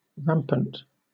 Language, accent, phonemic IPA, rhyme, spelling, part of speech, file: English, Southern England, /ˈɹæm.pənt/, -æmpənt, rampant, adjective / adverb, LL-Q1860 (eng)-rampant.wav
- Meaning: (adjective) 1. Rearing on both hind legs with the forelegs extended 2. Rearing up, especially on its hind leg(s), with a foreleg raised and in profile